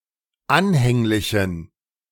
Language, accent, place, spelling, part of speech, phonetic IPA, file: German, Germany, Berlin, anhänglichen, adjective, [ˈanhɛŋlɪçn̩], De-anhänglichen.ogg
- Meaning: inflection of anhänglich: 1. strong genitive masculine/neuter singular 2. weak/mixed genitive/dative all-gender singular 3. strong/weak/mixed accusative masculine singular 4. strong dative plural